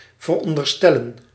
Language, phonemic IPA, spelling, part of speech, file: Dutch, /vərˌɔn.dərˈstɛ.lə(n)/, veronderstellen, verb, Nl-veronderstellen.ogg
- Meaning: to presume, guess, suppose